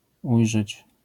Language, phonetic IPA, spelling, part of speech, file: Polish, [ˈujʒɛt͡ɕ], ujrzeć, verb, LL-Q809 (pol)-ujrzeć.wav